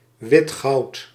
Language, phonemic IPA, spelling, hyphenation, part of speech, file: Dutch, /ˈʋɪt.xɑu̯t/, witgoud, wit‧goud, noun, Nl-witgoud.ogg
- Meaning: 1. white gold 2. platinum